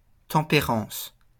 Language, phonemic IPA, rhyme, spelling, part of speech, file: French, /tɑ̃.pe.ʁɑ̃s/, -ɑ̃s, tempérance, noun, LL-Q150 (fra)-tempérance.wav
- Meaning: temperance (habitual moderation in regard to the indulgence of the natural appetites and passions)